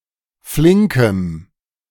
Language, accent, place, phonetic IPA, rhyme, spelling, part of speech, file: German, Germany, Berlin, [ˈflɪŋkəm], -ɪŋkəm, flinkem, adjective, De-flinkem.ogg
- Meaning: strong dative masculine/neuter singular of flink